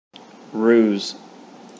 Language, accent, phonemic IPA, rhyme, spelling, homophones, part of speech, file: English, General American, /ɹuz/, -uːz, ruse, roos / rues, noun / verb, En-us-ruse.ogg
- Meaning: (noun) 1. A turning or doubling back, especially of animals to get out of the way of hunting dogs 2. An action intended to deceive; a trick 3. Cunning, guile, trickery